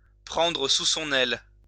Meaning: to take under one's wing
- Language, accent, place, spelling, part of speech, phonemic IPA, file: French, France, Lyon, prendre sous son aile, verb, /pʁɑ̃.dʁə su sɔ̃.n‿ɛl/, LL-Q150 (fra)-prendre sous son aile.wav